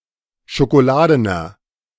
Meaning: inflection of schokoladen: 1. strong/mixed nominative masculine singular 2. strong genitive/dative feminine singular 3. strong genitive plural
- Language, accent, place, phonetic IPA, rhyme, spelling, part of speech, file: German, Germany, Berlin, [ʃokoˈlaːdənɐ], -aːdənɐ, schokoladener, adjective, De-schokoladener.ogg